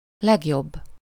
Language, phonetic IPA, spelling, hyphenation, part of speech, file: Hungarian, [ˈlɛɡjobː], legjobb, leg‧jobb, adjective, Hu-legjobb.ogg
- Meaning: superlative degree of jó: best